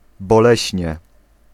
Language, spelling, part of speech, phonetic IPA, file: Polish, boleśnie, adverb, [bɔˈlɛɕɲɛ], Pl-boleśnie.ogg